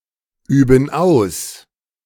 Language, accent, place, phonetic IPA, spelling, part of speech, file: German, Germany, Berlin, [ˌyːbn̩ ˈaʊ̯s], üben aus, verb, De-üben aus.ogg
- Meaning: inflection of ausüben: 1. first/third-person plural present 2. first/third-person plural subjunctive I